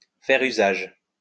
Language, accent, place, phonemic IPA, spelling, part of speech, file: French, France, Lyon, /fɛʁ y.zaʒ/, faire usage, verb, LL-Q150 (fra)-faire usage.wav
- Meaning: to make use of, to use; to exercise